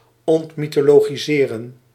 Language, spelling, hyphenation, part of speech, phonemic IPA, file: Dutch, ontmythologiseren, ont‧my‧tho‧lo‧gi‧se‧ren, verb, /ˌɔnt.mi.toː.loːɣiˈzeː.rə(n)/, Nl-ontmythologiseren.ogg
- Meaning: 1. to demythologise 2. to demystify